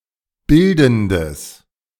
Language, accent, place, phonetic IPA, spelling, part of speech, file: German, Germany, Berlin, [ˈbɪldn̩dəs], bildendes, adjective, De-bildendes.ogg
- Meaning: strong/mixed nominative/accusative neuter singular of bildend